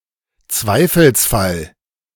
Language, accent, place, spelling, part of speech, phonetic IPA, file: German, Germany, Berlin, Zweifelsfall, noun, [ˈt͡svaɪ̯fl̩sˌfal], De-Zweifelsfall.ogg
- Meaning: case of doubt